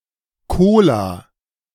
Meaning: plural of Kolon
- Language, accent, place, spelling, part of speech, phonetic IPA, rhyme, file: German, Germany, Berlin, Kola, proper noun / noun, [ˈkoːla], -oːla, De-Kola.ogg